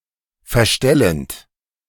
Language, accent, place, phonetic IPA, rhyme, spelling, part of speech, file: German, Germany, Berlin, [fɛɐ̯ˈʃtɛlənt], -ɛlənt, verstellend, verb, De-verstellend.ogg
- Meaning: present participle of verstellen